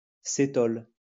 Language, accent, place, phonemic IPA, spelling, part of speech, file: French, France, Lyon, /se.tɔl/, cétol, noun, LL-Q150 (fra)-cétol.wav
- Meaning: ketol